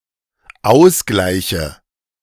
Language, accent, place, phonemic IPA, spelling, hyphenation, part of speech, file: German, Germany, Berlin, /ˈaʊ̯sɡlaɪ̯çə/, Ausgleiche, Aus‧glei‧che, noun, De-Ausgleiche.ogg
- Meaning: nominative/accusative/genitive plural of Ausgleich